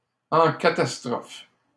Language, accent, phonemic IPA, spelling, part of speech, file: French, Canada, /ɑ̃ ka.tas.tʁɔf/, en catastrophe, adverb, LL-Q150 (fra)-en catastrophe.wav
- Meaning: hurriedly, hastily, in a hurry